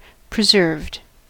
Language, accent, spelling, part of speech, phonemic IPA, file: English, US, preserved, verb, /pɹəˈzɝvd/, En-us-preserved.ogg
- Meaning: simple past and past participle of preserve